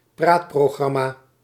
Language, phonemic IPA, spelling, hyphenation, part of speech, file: Dutch, /ˈpraːt.proːˌɣrɑ.maː/, praatprogramma, praat‧pro‧gram‧ma, noun, Nl-praatprogramma.ogg
- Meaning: talk show